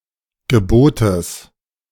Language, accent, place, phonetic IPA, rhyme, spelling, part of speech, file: German, Germany, Berlin, [ɡəˈboːtəs], -oːtəs, Gebotes, noun, De-Gebotes.ogg
- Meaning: genitive singular of Gebot